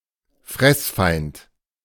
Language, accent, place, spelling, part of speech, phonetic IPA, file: German, Germany, Berlin, Fressfeind, noun, [ˈfʁɛsˌfaɪ̯nt], De-Fressfeind.ogg
- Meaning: predator (natural enemy)